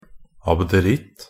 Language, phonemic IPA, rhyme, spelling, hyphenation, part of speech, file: Norwegian Bokmål, /abdəˈrɪt/, -ɪt, abderitt, ab‧de‧ritt, noun, Nb-abderitt.ogg
- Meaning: 1. an Abderite (an inhabitant or native of Abdera, in Thrace, a historical and geographic area in southeast Europe, now divided between Greece, Bulgaria and Turkey) 2. a simple-minded person